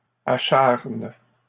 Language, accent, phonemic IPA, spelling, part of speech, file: French, Canada, /a.ʃaʁn/, acharne, verb, LL-Q150 (fra)-acharne.wav
- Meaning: inflection of acharner: 1. first/third-person singular present indicative/subjunctive 2. second-person singular imperative